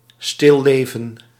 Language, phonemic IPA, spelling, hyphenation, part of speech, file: Dutch, /ˌstɪ(l)ˈleː.və(n)/, stilleven, stil‧le‧ven, noun, Nl-stilleven.ogg
- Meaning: still-life (painting or other image of arranged inanimate or dead objects, sometimes displaying living animals as well)